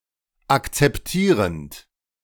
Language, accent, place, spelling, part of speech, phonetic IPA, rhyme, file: German, Germany, Berlin, akzeptierend, verb, [ˌakt͡sɛpˈtiːʁənt], -iːʁənt, De-akzeptierend.ogg
- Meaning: present participle of akzeptieren